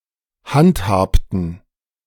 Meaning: inflection of handhaben: 1. first/third-person plural preterite 2. first/third-person plural subjunctive II
- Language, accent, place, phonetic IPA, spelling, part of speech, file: German, Germany, Berlin, [ˈhantˌhaːptn̩], handhabten, verb, De-handhabten.ogg